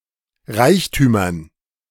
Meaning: dative plural of Reichtum
- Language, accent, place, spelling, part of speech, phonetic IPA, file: German, Germany, Berlin, Reichtümern, noun, [ˈʁaɪ̯çtyːmɐn], De-Reichtümern.ogg